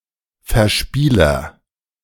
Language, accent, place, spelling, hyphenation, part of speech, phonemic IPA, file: German, Germany, Berlin, Verspieler, Ver‧spie‧ler, noun, /fɛʁˈʃpiːlɐ/, De-Verspieler.ogg
- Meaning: 1. agent noun of verspielen 2. agent noun of verspielen: One who gambles something away